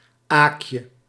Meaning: diminutive of aak
- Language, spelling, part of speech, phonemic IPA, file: Dutch, aakje, noun, /ˈakjə/, Nl-aakje.ogg